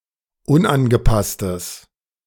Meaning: strong/mixed nominative/accusative neuter singular of unangepasst
- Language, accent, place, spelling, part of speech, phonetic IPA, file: German, Germany, Berlin, unangepasstes, adjective, [ˈʊnʔanɡəˌpastəs], De-unangepasstes.ogg